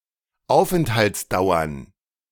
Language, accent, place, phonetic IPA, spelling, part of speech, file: German, Germany, Berlin, [ˈaʊ̯fʔɛnthalt͡sˌdaʊ̯ɐn], Aufenthaltsdauern, noun, De-Aufenthaltsdauern.ogg
- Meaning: plural of Aufenthaltsdauer